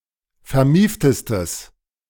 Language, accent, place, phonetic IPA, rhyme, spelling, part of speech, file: German, Germany, Berlin, [fɛɐ̯ˈmiːftəstəs], -iːftəstəs, vermieftestes, adjective, De-vermieftestes.ogg
- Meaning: strong/mixed nominative/accusative neuter singular superlative degree of vermieft